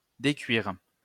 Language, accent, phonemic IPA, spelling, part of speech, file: French, France, /de.kɥiʁ/, décuire, verb, LL-Q150 (fra)-décuire.wav
- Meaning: 1. to lower the cooking temperature of sugar syrup or jam by stirring in cold water gradually, until it is the correct consistency 2. to unboil, to uncook